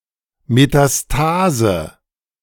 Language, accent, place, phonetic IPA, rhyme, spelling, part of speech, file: German, Germany, Berlin, [metaˈstaːzə], -aːzə, Metastase, noun, De-Metastase.ogg
- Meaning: metastasis